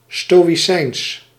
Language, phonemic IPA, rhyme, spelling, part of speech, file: Dutch, /ˌstoː.iˈsɛi̯ns/, -ɛi̯ns, stoïcijns, adjective, Nl-stoïcijns.ogg
- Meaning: 1. stoic, unaffected by pain or emotion, unemotional 2. stoic, pertaining to stoicism